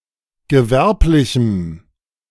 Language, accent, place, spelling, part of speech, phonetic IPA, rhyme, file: German, Germany, Berlin, gewerblichem, adjective, [ɡəˈvɛʁplɪçm̩], -ɛʁplɪçm̩, De-gewerblichem.ogg
- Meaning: strong dative masculine/neuter singular of gewerblich